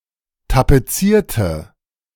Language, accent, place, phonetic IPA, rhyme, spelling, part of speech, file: German, Germany, Berlin, [tapeˈt͡siːɐ̯tə], -iːɐ̯tə, tapezierte, adjective / verb, De-tapezierte.ogg
- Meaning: inflection of tapezieren: 1. first/third-person singular preterite 2. first/third-person singular subjunctive II